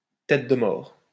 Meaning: skull and crossbones, death's-head (human skull as symbol of death)
- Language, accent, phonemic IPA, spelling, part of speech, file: French, France, /tɛt də mɔʁ/, tête de mort, noun, LL-Q150 (fra)-tête de mort.wav